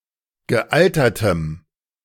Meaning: strong dative masculine/neuter singular of gealtert
- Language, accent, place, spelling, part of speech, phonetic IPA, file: German, Germany, Berlin, gealtertem, adjective, [ɡəˈʔaltɐtəm], De-gealtertem.ogg